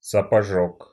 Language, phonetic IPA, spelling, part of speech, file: Russian, [səpɐˈʐok], сапожок, noun, Ru-сапожок.ogg
- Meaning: 1. boot 2. columbine